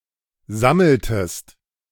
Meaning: inflection of sammeln: 1. second-person singular preterite 2. second-person singular subjunctive II
- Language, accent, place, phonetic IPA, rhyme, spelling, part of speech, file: German, Germany, Berlin, [ˈzaml̩təst], -aml̩təst, sammeltest, verb, De-sammeltest.ogg